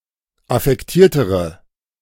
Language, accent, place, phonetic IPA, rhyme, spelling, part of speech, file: German, Germany, Berlin, [afɛkˈtiːɐ̯təʁə], -iːɐ̯təʁə, affektiertere, adjective, De-affektiertere.ogg
- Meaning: inflection of affektiert: 1. strong/mixed nominative/accusative feminine singular comparative degree 2. strong nominative/accusative plural comparative degree